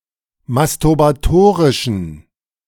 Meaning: inflection of masturbatorisch: 1. strong genitive masculine/neuter singular 2. weak/mixed genitive/dative all-gender singular 3. strong/weak/mixed accusative masculine singular 4. strong dative plural
- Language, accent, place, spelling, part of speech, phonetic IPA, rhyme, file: German, Germany, Berlin, masturbatorischen, adjective, [mastʊʁbaˈtoːʁɪʃn̩], -oːʁɪʃn̩, De-masturbatorischen.ogg